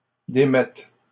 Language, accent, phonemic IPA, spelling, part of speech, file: French, Canada, /de.mɛt/, démettent, verb, LL-Q150 (fra)-démettent.wav
- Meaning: third-person plural present indicative/subjunctive of démettre